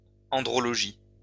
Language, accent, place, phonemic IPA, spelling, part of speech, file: French, France, Lyon, /ɑ̃.dʁɔ.lɔ.ʒi/, andrologie, noun, LL-Q150 (fra)-andrologie.wav
- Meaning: andrology